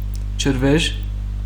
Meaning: waterfall
- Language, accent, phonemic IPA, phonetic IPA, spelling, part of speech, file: Armenian, Western Armenian, /t͡ʃəɾˈveʒ/, [t͡ʃʰəɾvéʒ], ջրվեժ, noun, HyW-ջրվեժ.ogg